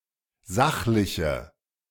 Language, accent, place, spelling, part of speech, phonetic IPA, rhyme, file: German, Germany, Berlin, sachliche, adjective, [ˈzaxlɪçə], -axlɪçə, De-sachliche.ogg
- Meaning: inflection of sachlich: 1. strong/mixed nominative/accusative feminine singular 2. strong nominative/accusative plural 3. weak nominative all-gender singular